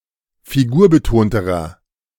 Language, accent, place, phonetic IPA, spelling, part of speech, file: German, Germany, Berlin, [fiˈɡuːɐ̯bəˌtoːntəʁɐ], figurbetonterer, adjective, De-figurbetonterer.ogg
- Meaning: inflection of figurbetont: 1. strong/mixed nominative masculine singular comparative degree 2. strong genitive/dative feminine singular comparative degree 3. strong genitive plural comparative degree